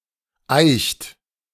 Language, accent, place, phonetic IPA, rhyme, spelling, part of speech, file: German, Germany, Berlin, [aɪ̯çt], -aɪ̯çt, eicht, verb, De-eicht.ogg
- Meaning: inflection of eichen: 1. second-person plural present 2. third-person singular present 3. plural imperative